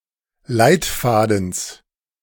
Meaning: genitive singular of Leitfaden
- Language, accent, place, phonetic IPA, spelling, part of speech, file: German, Germany, Berlin, [ˈlaɪ̯tˌfaːdn̩s], Leitfadens, noun, De-Leitfadens.ogg